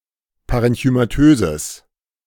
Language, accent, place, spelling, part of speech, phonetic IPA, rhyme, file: German, Germany, Berlin, parenchymatöses, adjective, [ˌpaʁɛnçymaˈtøːzəs], -øːzəs, De-parenchymatöses.ogg
- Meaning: strong/mixed nominative/accusative neuter singular of parenchymatös